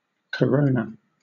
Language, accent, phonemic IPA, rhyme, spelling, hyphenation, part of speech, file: English, Southern England, /kəˈɹəʊ.nə/, -əʊnə, corona, co‧ro‧na, noun / verb, LL-Q1860 (eng)-corona.wav
- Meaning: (noun) A large, round, pendent chandelier, with spikes around its upper rim to hold candles or lamps, usually hung from the roof of a church